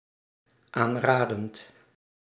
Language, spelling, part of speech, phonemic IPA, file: Dutch, aanradend, verb, /ˈanradənt/, Nl-aanradend.ogg
- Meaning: present participle of aanraden